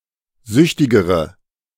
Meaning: inflection of süchtig: 1. strong/mixed nominative/accusative feminine singular comparative degree 2. strong nominative/accusative plural comparative degree
- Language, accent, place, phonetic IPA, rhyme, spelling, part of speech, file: German, Germany, Berlin, [ˈzʏçtɪɡəʁə], -ʏçtɪɡəʁə, süchtigere, adjective, De-süchtigere.ogg